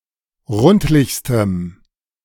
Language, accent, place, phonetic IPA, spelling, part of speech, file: German, Germany, Berlin, [ˈʁʊntlɪçstəm], rundlichstem, adjective, De-rundlichstem.ogg
- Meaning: strong dative masculine/neuter singular superlative degree of rundlich